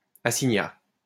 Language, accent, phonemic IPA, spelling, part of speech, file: French, France, /a.si.ɲa/, assignat, noun, LL-Q150 (fra)-assignat.wav
- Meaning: assignat